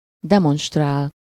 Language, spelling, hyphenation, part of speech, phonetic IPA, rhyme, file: Hungarian, demonstrál, de‧monst‧rál, verb, [ˈdɛmonʃtraːl], -aːl, Hu-demonstrál.ogg
- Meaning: 1. to demonstrate, show, display, present 2. to demonstrate (to participate in a demonstration)